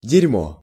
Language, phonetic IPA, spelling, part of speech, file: Russian, [dʲɪrʲˈmo], дерьмо, noun, Ru-дерьмо.ogg
- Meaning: 1. shit, crap (excrement) 2. shit, crap (stuff, things) 3. scumbag, shithead (a bad person) 4. shit, any recreational drug